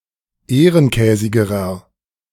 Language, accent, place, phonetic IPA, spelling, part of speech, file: German, Germany, Berlin, [ˈeːʁənˌkɛːzɪɡəʁɐ], ehrenkäsigerer, adjective, De-ehrenkäsigerer.ogg
- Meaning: inflection of ehrenkäsig: 1. strong/mixed nominative masculine singular comparative degree 2. strong genitive/dative feminine singular comparative degree 3. strong genitive plural comparative degree